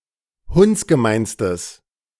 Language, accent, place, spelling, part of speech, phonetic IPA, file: German, Germany, Berlin, hundsgemeinstes, adjective, [ˈhʊnt͡sɡəˌmaɪ̯nstəs], De-hundsgemeinstes.ogg
- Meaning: strong/mixed nominative/accusative neuter singular superlative degree of hundsgemein